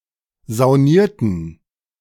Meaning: inflection of saunieren: 1. first/third-person plural preterite 2. first/third-person plural subjunctive II
- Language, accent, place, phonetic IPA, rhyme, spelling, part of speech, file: German, Germany, Berlin, [zaʊ̯ˈniːɐ̯tn̩], -iːɐ̯tn̩, saunierten, verb, De-saunierten.ogg